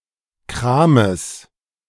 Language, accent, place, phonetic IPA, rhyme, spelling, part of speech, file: German, Germany, Berlin, [ˈkʁaːməs], -aːməs, Krames, noun, De-Krames.ogg
- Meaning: genitive singular of Kram